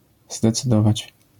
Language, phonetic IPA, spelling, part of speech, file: Polish, [ˌzdɛt͡sɨˈdɔvat͡ɕ], zdecydować, verb, LL-Q809 (pol)-zdecydować.wav